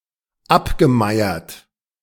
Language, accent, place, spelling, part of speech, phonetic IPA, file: German, Germany, Berlin, abgemeiert, verb, [ˈapɡəˌmaɪ̯ɐt], De-abgemeiert.ogg
- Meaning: past participle of abmeiern